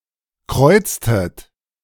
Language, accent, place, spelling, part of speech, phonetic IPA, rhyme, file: German, Germany, Berlin, kreuztet, verb, [ˈkʁɔɪ̯t͡stət], -ɔɪ̯t͡stət, De-kreuztet.ogg
- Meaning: inflection of kreuzen: 1. second-person plural preterite 2. second-person plural subjunctive II